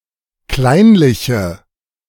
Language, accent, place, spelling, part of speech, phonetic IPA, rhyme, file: German, Germany, Berlin, kleinliche, adjective, [ˈklaɪ̯nlɪçə], -aɪ̯nlɪçə, De-kleinliche.ogg
- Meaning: inflection of kleinlich: 1. strong/mixed nominative/accusative feminine singular 2. strong nominative/accusative plural 3. weak nominative all-gender singular